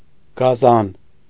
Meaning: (noun) 1. wild beast 2. brute, cruel man; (adjective) 1. brutal, bestial; atrocious, savage 2. excellent, very good, cool
- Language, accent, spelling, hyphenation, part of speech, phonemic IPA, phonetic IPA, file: Armenian, Eastern Armenian, գազան, գա‧զան, noun / adjective, /ɡɑˈzɑn/, [ɡɑzɑ́n], Hy-գազան.ogg